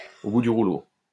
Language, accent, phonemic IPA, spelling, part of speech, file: French, France, /o bu dy ʁu.lo/, au bout du rouleau, adjective, LL-Q150 (fra)-au bout du rouleau.wav
- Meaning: 1. exhausted, on one's last legs, at the end of one's tether 2. broke, ruined